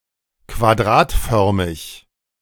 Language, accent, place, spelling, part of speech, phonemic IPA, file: German, Germany, Berlin, quadratförmig, adjective, /kvaˈdʁaːtˌfœʁmɪç/, De-quadratförmig.ogg
- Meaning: square (in shape)